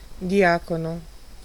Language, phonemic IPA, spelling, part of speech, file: Italian, /diˈakono/, diacono, noun, It-diacono.ogg